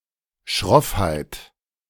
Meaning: gruffness, brusqueness
- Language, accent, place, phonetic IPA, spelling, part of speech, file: German, Germany, Berlin, [ˈʃʁɔfhaɪ̯t], Schroffheit, noun, De-Schroffheit.ogg